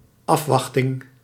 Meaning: expectation
- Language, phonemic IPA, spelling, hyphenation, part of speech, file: Dutch, /ˈɑfˌʋɑx.tɪŋ/, afwachting, af‧wach‧ting, noun, Nl-afwachting.ogg